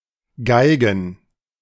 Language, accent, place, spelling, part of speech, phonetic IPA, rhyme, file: German, Germany, Berlin, Geigen, noun, [ˈɡaɪ̯ɡn̩], -aɪ̯ɡn̩, De-Geigen.ogg
- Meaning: plural of Geige